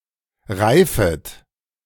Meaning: second-person plural subjunctive I of reifen
- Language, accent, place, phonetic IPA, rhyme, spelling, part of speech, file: German, Germany, Berlin, [ˈʁaɪ̯fət], -aɪ̯fət, reifet, verb, De-reifet.ogg